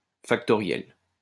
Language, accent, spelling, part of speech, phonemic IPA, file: French, France, factoriel, adjective, /fak.tɔ.ʁjɛl/, LL-Q150 (fra)-factoriel.wav
- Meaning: factorial